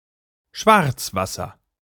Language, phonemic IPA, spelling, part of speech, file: German, /ˈʃvartsˌvasər/, Schwarzwasser, noun, De-Schwarzwasser.ogg
- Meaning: blackwater: 1. dark water of certain rivers 2. waste water containing toilet remains